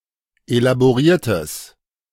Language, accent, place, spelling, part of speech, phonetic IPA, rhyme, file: German, Germany, Berlin, elaboriertes, adjective, [elaboˈʁiːɐ̯təs], -iːɐ̯təs, De-elaboriertes.ogg
- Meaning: strong/mixed nominative/accusative neuter singular of elaboriert